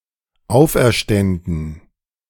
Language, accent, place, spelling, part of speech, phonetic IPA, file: German, Germany, Berlin, auferständen, verb, [ˈaʊ̯fʔɛɐ̯ˌʃtɛndn̩], De-auferständen.ogg
- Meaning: first/third-person plural dependent subjunctive II of auferstehen